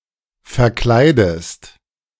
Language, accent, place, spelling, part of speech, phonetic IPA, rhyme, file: German, Germany, Berlin, verkleidest, verb, [fɛɐ̯ˈklaɪ̯dəst], -aɪ̯dəst, De-verkleidest.ogg
- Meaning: inflection of verkleiden: 1. second-person singular present 2. second-person singular subjunctive I